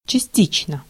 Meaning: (adverb) partly, partially (in part); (adjective) short neuter singular of части́чный (častíčnyj)
- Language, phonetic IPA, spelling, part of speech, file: Russian, [t͡ɕɪˈsʲtʲit͡ɕnə], частично, adverb / adjective, Ru-частично.ogg